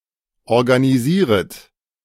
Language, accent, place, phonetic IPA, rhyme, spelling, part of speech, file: German, Germany, Berlin, [ɔʁɡaniˈziːʁət], -iːʁət, organisieret, verb, De-organisieret.ogg
- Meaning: second-person plural subjunctive I of organisieren